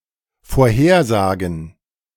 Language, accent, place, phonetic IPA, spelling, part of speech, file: German, Germany, Berlin, [foːɐ̯ˈheːɐ̯ˌzaːɡn̩], Vorhersagen, noun, De-Vorhersagen.ogg
- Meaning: plural of Vorhersage